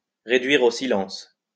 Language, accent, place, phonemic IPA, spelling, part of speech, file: French, France, Lyon, /ʁe.dɥi.ʁ‿o si.lɑ̃s/, réduire au silence, verb, LL-Q150 (fra)-réduire au silence.wav
- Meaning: to reduce to silence, to silence